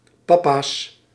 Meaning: plural of pappa
- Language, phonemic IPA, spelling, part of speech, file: Dutch, /ˈpɑpas/, pappa's, noun, Nl-pappa's.ogg